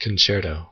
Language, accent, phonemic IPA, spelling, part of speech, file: English, US, /kənˈt͡ʃɛɹtoʊ/, concerto, noun, En-us-concerto.ogg
- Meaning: A piece of music for one or more solo instruments and orchestra